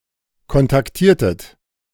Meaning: inflection of kontaktieren: 1. second-person plural preterite 2. second-person plural subjunctive II
- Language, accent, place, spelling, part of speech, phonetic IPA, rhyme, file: German, Germany, Berlin, kontaktiertet, verb, [kɔntakˈtiːɐ̯tət], -iːɐ̯tət, De-kontaktiertet.ogg